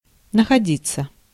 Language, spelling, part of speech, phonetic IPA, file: Russian, находиться, verb, [nəxɐˈdʲit͡sːə], Ru-находиться.ogg
- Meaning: 1. to be found, to turn up 2. to be located, to be situated (no perfective form) 3. to be in some condition (no perfective form) 4. to happen to have, to be found, to be discovered